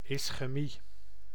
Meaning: ischaemia, ischemia (local anaemia)
- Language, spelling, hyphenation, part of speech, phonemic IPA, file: Dutch, ischemie, is‧che‧mie, noun, /ɪs.xəˈmi/, Nl-ischemie.ogg